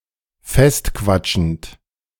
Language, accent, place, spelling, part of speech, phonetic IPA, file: German, Germany, Berlin, festquatschend, verb, [ˈfɛstˌkvat͡ʃn̩t], De-festquatschend.ogg
- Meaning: present participle of festquatschen